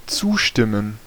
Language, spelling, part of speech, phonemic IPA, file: German, zustimmen, verb, /ˈt͡suːˌʃtɪmən/, De-zustimmen.ogg
- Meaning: 1. to agree 2. to agree with, to be in accord with